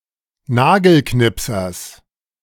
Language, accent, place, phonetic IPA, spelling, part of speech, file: German, Germany, Berlin, [ˈnaːɡl̩ˌknɪpsɐs], Nagelknipsers, noun, De-Nagelknipsers.ogg
- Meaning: genitive of Nagelknipser